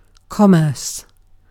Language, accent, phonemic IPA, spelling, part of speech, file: English, UK, /ˈkɒ.mɜːs/, commerce, verb, En-uk-commerce.ogg
- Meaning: 1. To carry on trade; to traffic 2. To hold conversation; to communicate